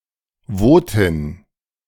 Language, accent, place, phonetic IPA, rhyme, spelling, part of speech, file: German, Germany, Berlin, [ˈvoːtɪn], -oːtɪn, Wotin, noun, De-Wotin.ogg
- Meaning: Vote (female) (a woman or girl belonging to the Votic people)